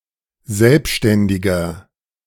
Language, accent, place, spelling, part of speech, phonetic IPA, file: German, Germany, Berlin, selbständiger, adjective, [ˈzɛlpʃtɛndɪɡɐ], De-selbständiger.ogg
- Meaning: 1. comparative degree of selbständig 2. inflection of selbständig: strong/mixed nominative masculine singular 3. inflection of selbständig: strong genitive/dative feminine singular